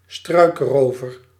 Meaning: highwayman, literally one who ambushes their victims from behind the bushes
- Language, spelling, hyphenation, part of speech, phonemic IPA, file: Dutch, struikrover, struik‧ro‧ver, noun, /ˈstrœy̯kˌroː.vər/, Nl-struikrover.ogg